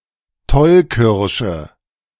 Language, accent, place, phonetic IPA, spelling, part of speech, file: German, Germany, Berlin, [ˈtɔlˌkɪʁʃə], Tollkirsche, noun, De-Tollkirsche.ogg
- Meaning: deadly nightshade, Atropa belladonna